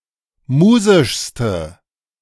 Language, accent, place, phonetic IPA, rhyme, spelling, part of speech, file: German, Germany, Berlin, [ˈmuːzɪʃstə], -uːzɪʃstə, musischste, adjective, De-musischste.ogg
- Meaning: inflection of musisch: 1. strong/mixed nominative/accusative feminine singular superlative degree 2. strong nominative/accusative plural superlative degree